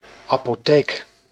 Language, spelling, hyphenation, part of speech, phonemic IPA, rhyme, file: Dutch, apotheek, apo‧theek, noun, /ɑ.poːˈteːk/, -eːk, Nl-apotheek.ogg
- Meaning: pharmacy, apothecary (a place where prescription drugs may be dispensed by an authorized pharmacologist)